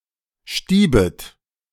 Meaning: second-person plural subjunctive I of stieben
- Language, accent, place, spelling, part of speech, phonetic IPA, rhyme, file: German, Germany, Berlin, stiebet, verb, [ˈʃtiːbət], -iːbət, De-stiebet.ogg